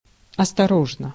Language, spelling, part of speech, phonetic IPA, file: Russian, осторожно, adverb / adjective / interjection, [ɐstɐˈroʐnə], Ru-осторожно.ogg
- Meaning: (adverb) 1. carefully, cautiously, with caution, with care 2. guardedly, warily 3. prudently; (adjective) short neuter singular of осторо́жный (ostoróžnyj)